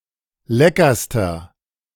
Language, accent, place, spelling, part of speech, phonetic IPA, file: German, Germany, Berlin, leckerster, adjective, [ˈlɛkɐstɐ], De-leckerster.ogg
- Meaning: inflection of lecker: 1. strong/mixed nominative masculine singular superlative degree 2. strong genitive/dative feminine singular superlative degree 3. strong genitive plural superlative degree